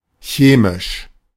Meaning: chemical
- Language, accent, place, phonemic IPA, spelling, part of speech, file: German, Germany, Berlin, /ˈʃeːmɪʃ/, chemisch, adjective, De-chemisch.ogg